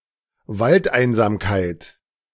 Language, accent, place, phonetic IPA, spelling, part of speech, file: German, Germany, Berlin, [ˈvaltʔaɪ̯nzaːmkaɪ̯t], Waldeinsamkeit, noun, De-Waldeinsamkeit.ogg
- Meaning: woodland solitude (the feeling of solitude in the woods)